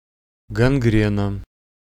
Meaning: gangrene, mortification
- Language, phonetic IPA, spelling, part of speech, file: Russian, [ɡɐnˈɡrʲenə], гангрена, noun, Ru-гангрена.ogg